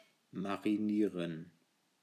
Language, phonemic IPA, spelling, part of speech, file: German, /maʁiˈniːʁən/, marinieren, verb, De-marinieren.ogg
- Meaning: to marinate